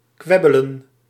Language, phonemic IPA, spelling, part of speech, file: Dutch, /ˈkʋɛ.bə.lə(n)/, kwebbelen, verb, Nl-kwebbelen.ogg
- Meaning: to chatter